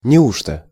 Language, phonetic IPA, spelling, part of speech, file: Russian, [nʲɪˈuʂtə], неужто, adverb, Ru-неужто.ogg
- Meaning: really?, is it possible?, indeed